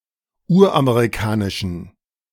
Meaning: inflection of uramerikanisch: 1. strong genitive masculine/neuter singular 2. weak/mixed genitive/dative all-gender singular 3. strong/weak/mixed accusative masculine singular 4. strong dative plural
- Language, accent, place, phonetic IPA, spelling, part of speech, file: German, Germany, Berlin, [ˈuːɐ̯ʔameʁiˌkaːnɪʃn̩], uramerikanischen, adjective, De-uramerikanischen.ogg